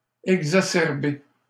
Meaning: to exacerbate, to worsen
- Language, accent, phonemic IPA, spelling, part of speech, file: French, Canada, /ɛɡ.za.sɛʁ.be/, exacerber, verb, LL-Q150 (fra)-exacerber.wav